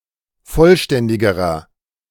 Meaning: inflection of vollständig: 1. strong/mixed nominative masculine singular comparative degree 2. strong genitive/dative feminine singular comparative degree 3. strong genitive plural comparative degree
- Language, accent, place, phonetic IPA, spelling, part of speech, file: German, Germany, Berlin, [ˈfɔlˌʃtɛndɪɡəʁɐ], vollständigerer, adjective, De-vollständigerer.ogg